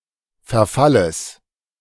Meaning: genitive singular of Verfall
- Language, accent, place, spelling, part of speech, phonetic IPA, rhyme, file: German, Germany, Berlin, Verfalles, noun, [fɛɐ̯ˈfaləs], -aləs, De-Verfalles.ogg